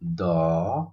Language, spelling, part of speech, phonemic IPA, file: Odia, ଦ, character, /d̪ɔ/, Or-ଦ.oga
- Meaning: The thirty-second character in the Odia abugida